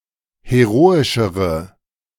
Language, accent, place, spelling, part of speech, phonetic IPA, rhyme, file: German, Germany, Berlin, heroischere, adjective, [heˈʁoːɪʃəʁə], -oːɪʃəʁə, De-heroischere.ogg
- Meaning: inflection of heroisch: 1. strong/mixed nominative/accusative feminine singular comparative degree 2. strong nominative/accusative plural comparative degree